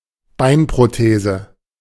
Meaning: artificial / prosthetic leg
- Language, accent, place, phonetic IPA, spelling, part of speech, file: German, Germany, Berlin, [ˈbaɪ̯npʁoˌteːzə], Beinprothese, noun, De-Beinprothese.ogg